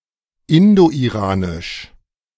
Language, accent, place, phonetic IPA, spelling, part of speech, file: German, Germany, Berlin, [ɪndoʔiˈʁaːnɪʃ], Indoiranisch, proper noun, De-Indoiranisch.ogg
- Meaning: 1. the Indo-Iranian language group 2. the Indo-Iranian proto-language